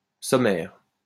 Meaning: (noun) 1. a summary 2. a table of contents; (adjective) 1. succinct, short, abridged, that which expresses a subject in few words 2. devoid of unnecessary comfort, basic
- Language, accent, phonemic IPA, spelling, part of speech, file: French, France, /sɔ.mɛʁ/, sommaire, noun / adjective, LL-Q150 (fra)-sommaire.wav